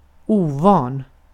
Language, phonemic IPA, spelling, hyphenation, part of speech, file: Swedish, /ˈuːˌvɑːn/, ovan, o‧van, adjective, Sv-ovan.ogg
- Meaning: unaccustomed (to); not used to, inexperienced, lacking practice